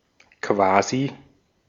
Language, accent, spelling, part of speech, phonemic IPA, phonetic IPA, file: German, Austria, quasi, adverb, /ˈkvaːzi/, [ˈkʋaːzi], De-at-quasi.ogg
- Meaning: as it were, so to speak, effectively, essentially; used to mark a description as figurative, simplified or otherwise not to be taken as absolute, but illustrative of an important point